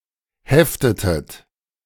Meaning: inflection of heften: 1. second-person plural preterite 2. second-person plural subjunctive II
- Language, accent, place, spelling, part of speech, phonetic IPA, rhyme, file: German, Germany, Berlin, heftetet, verb, [ˈhɛftətət], -ɛftətət, De-heftetet.ogg